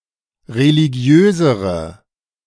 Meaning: inflection of religiös: 1. strong/mixed nominative/accusative feminine singular comparative degree 2. strong nominative/accusative plural comparative degree
- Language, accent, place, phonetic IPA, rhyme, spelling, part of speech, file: German, Germany, Berlin, [ʁeliˈɡi̯øːzəʁə], -øːzəʁə, religiösere, adjective, De-religiösere.ogg